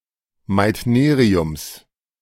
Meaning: genitive singular of Meitnerium
- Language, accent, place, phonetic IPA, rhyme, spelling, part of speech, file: German, Germany, Berlin, [maɪ̯tˈneːʁiʊms], -eːʁiʊms, Meitneriums, noun, De-Meitneriums.ogg